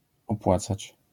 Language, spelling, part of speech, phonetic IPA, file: Polish, opłacać, verb, [ɔpˈwat͡sat͡ɕ], LL-Q809 (pol)-opłacać.wav